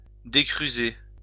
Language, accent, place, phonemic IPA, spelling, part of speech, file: French, France, Lyon, /de.kʁy.ze/, décruser, verb, LL-Q150 (fra)-décruser.wav
- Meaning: "(dy.) to ungum"